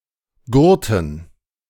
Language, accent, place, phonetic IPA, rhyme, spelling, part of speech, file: German, Germany, Berlin, [ˈɡʊʁtn̩], -ʊʁtn̩, Gurten, noun, De-Gurten.ogg
- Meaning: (proper noun) a municipality of Upper Austria, Austria; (noun) dative plural of Gurt